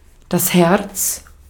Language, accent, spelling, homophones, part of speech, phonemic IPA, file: German, Austria, Herz, Hertz, noun, /hɛrts/, De-at-Herz.ogg
- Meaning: 1. heart 2. hearts 3. sweetheart, darling